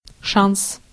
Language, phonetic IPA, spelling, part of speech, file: Russian, [ʂans], шанс, noun, Ru-шанс.ogg
- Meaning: chance, prospect (chance for advancement, progress or profit)